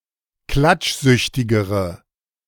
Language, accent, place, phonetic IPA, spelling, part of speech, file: German, Germany, Berlin, [ˈklat͡ʃˌzʏçtɪɡəʁə], klatschsüchtigere, adjective, De-klatschsüchtigere.ogg
- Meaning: inflection of klatschsüchtig: 1. strong/mixed nominative/accusative feminine singular comparative degree 2. strong nominative/accusative plural comparative degree